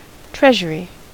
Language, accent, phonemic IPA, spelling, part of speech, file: English, US, /ˈtɹɛʒ.ɚ.i/, treasury, noun, En-us-treasury.ogg
- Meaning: 1. A place where treasure is stored safely 2. A place where state or royal money and valuables are stored 3. Ellipsis of treasury department 4. Ellipsis of treasury bond